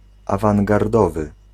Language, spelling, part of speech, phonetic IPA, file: Polish, awangardowy, adjective, [ˌavãŋɡarˈdɔvɨ], Pl-awangardowy.ogg